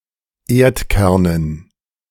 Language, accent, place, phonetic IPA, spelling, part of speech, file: German, Germany, Berlin, [ˈeːɐ̯tˌkɛʁnən], Erdkernen, noun, De-Erdkernen.ogg
- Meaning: dative plural of Erdkern